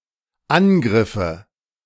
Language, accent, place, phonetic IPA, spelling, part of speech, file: German, Germany, Berlin, [ˈanˌɡʁɪfə], angriffe, verb, De-angriffe.ogg
- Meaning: first/third-person singular dependent subjunctive II of angreifen